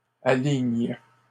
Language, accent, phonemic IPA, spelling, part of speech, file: French, Canada, /a.liɲ/, alignent, verb, LL-Q150 (fra)-alignent.wav
- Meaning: third-person plural present indicative/subjunctive of aligner